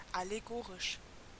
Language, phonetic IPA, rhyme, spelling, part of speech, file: German, [aleˈɡoːʁɪʃ], -oːʁɪʃ, allegorisch, adjective, De-allegorisch.ogg
- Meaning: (adjective) allegorical, allegoric; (adverb) allegorically